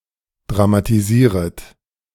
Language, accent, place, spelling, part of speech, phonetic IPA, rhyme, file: German, Germany, Berlin, dramatisieret, verb, [dʁamatiˈziːʁət], -iːʁət, De-dramatisieret.ogg
- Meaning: second-person plural subjunctive I of dramatisieren